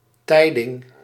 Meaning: 1. message, tiding 2. newspaper, note or pamphlet containing news
- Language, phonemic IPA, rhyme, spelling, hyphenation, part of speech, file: Dutch, /ˈtɛi̯.dɪŋ/, -ɛi̯dɪŋ, tijding, tij‧ding, noun, Nl-tijding.ogg